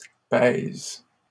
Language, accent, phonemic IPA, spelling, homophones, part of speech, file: French, Canada, /pɛz/, pèze, pèse / pèsent / pèses, noun, LL-Q150 (fra)-pèze.wav
- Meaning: dosh, dough (money)